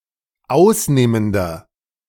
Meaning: inflection of ausnehmend: 1. strong/mixed nominative masculine singular 2. strong genitive/dative feminine singular 3. strong genitive plural
- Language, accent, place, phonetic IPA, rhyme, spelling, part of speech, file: German, Germany, Berlin, [ˈaʊ̯sˌneːməndɐ], -aʊ̯sneːməndɐ, ausnehmender, adjective, De-ausnehmender.ogg